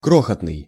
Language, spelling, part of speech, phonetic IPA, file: Russian, крохотный, adjective, [ˈkroxətnɨj], Ru-крохотный.ogg
- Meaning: very small, tiny, minute